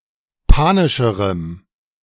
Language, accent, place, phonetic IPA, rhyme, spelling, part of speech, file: German, Germany, Berlin, [ˈpaːnɪʃəʁəm], -aːnɪʃəʁəm, panischerem, adjective, De-panischerem.ogg
- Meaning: strong dative masculine/neuter singular comparative degree of panisch